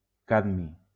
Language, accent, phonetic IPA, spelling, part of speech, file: Catalan, Valencia, [ˈkad.mi], cadmi, noun, LL-Q7026 (cat)-cadmi.wav
- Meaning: cadmium